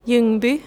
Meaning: 1. a city and municipality of Kronoberg county, Sweden 2. a village in Kalmar municipality, Kalmar county, Sweden 3. a village in Falkenberg municipality, Halland county, Sweden
- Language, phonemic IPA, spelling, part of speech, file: Swedish, /²jɵŋbʏ/, Ljungby, proper noun, Sv-Ljungby.ogg